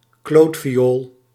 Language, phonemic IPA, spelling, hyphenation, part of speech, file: Dutch, /ˈkloːt.fiˌoːl/, klootviool, kloot‧vi‧ool, noun, Nl-klootviool.ogg
- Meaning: bastard, asshole, arse